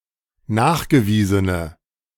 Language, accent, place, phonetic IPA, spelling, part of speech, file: German, Germany, Berlin, [ˈnaːxɡəˌviːzənə], nachgewiesene, adjective, De-nachgewiesene.ogg
- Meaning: inflection of nachgewiesen: 1. strong/mixed nominative/accusative feminine singular 2. strong nominative/accusative plural 3. weak nominative all-gender singular